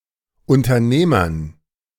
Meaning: dative plural of Unternehmer
- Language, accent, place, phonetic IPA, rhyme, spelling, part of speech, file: German, Germany, Berlin, [ʊntɐˈneːmɐn], -eːmɐn, Unternehmern, noun, De-Unternehmern.ogg